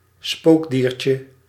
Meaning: diminutive of spookdier
- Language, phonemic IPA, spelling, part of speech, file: Dutch, /ˈspoɡdircə/, spookdiertje, noun, Nl-spookdiertje.ogg